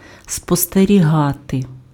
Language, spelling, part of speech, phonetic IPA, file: Ukrainian, спостерігати, verb, [spɔsterʲiˈɦate], Uk-спостерігати.ogg
- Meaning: 1. to observe 2. to watch, to keep an eye on, to keep under observation, to keep under surveillance, to surveil (+ за (za) + instrumental case)